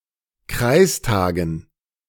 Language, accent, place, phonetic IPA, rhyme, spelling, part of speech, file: German, Germany, Berlin, [ˈkʁaɪ̯sˌtaːɡn̩], -aɪ̯staːɡn̩, Kreistagen, noun, De-Kreistagen.ogg
- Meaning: dative plural of Kreistag